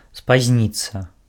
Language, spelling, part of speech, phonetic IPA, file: Belarusian, спазніцца, verb, [spazʲˈnʲit͡sːa], Be-спазніцца.ogg
- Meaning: to be late